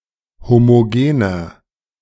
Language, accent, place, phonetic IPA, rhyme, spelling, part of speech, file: German, Germany, Berlin, [ˌhomoˈɡeːnɐ], -eːnɐ, homogener, adjective, De-homogener.ogg
- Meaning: inflection of homogen: 1. strong/mixed nominative masculine singular 2. strong genitive/dative feminine singular 3. strong genitive plural